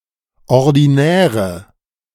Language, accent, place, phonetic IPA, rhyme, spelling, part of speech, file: German, Germany, Berlin, [ɔʁdiˈnɛːʁə], -ɛːʁə, ordinäre, adjective, De-ordinäre.ogg
- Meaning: inflection of ordinär: 1. strong/mixed nominative/accusative feminine singular 2. strong nominative/accusative plural 3. weak nominative all-gender singular 4. weak accusative feminine/neuter singular